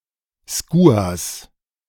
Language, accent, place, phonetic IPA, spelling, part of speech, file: German, Germany, Berlin, [ˈskuːas], Skuas, noun, De-Skuas.ogg
- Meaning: plural of Skua